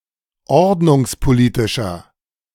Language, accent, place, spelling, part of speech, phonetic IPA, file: German, Germany, Berlin, ordnungspolitischer, adjective, [ˈɔʁdnʊŋspoˌliːtɪʃɐ], De-ordnungspolitischer.ogg
- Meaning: inflection of ordnungspolitisch: 1. strong/mixed nominative masculine singular 2. strong genitive/dative feminine singular 3. strong genitive plural